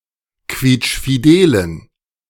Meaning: inflection of quietschfidel: 1. strong genitive masculine/neuter singular 2. weak/mixed genitive/dative all-gender singular 3. strong/weak/mixed accusative masculine singular 4. strong dative plural
- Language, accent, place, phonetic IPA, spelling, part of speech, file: German, Germany, Berlin, [ˈkviːt͡ʃfiˌdeːlən], quietschfidelen, adjective, De-quietschfidelen.ogg